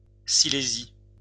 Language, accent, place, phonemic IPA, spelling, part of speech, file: French, France, Lyon, /si.le.zi/, Silésie, proper noun, LL-Q150 (fra)-Silésie.wav